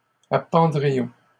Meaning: first-person plural conditional of appendre
- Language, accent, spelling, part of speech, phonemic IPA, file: French, Canada, appendrions, verb, /a.pɑ̃.dʁi.jɔ̃/, LL-Q150 (fra)-appendrions.wav